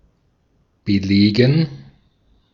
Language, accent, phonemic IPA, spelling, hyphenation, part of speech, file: German, Austria, /bəˈleːɡən/, belegen, be‧le‧gen, verb, De-at-belegen.ogg
- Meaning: 1. to cover 2. to fill (a sandwich etc.) 3. to document, back, substantiate 4. to enroll for; to take (a course) 5. to bombard 6. to reserve (a seat, room etc.); to occupy (a building)